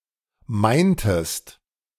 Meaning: inflection of meinen: 1. second-person singular preterite 2. second-person singular subjunctive II
- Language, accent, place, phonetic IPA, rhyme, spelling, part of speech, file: German, Germany, Berlin, [ˈmaɪ̯ntəst], -aɪ̯ntəst, meintest, verb, De-meintest.ogg